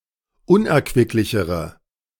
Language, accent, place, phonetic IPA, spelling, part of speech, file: German, Germany, Berlin, [ˈʊnʔɛɐ̯kvɪklɪçəʁə], unerquicklichere, adjective, De-unerquicklichere.ogg
- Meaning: inflection of unerquicklich: 1. strong/mixed nominative/accusative feminine singular comparative degree 2. strong nominative/accusative plural comparative degree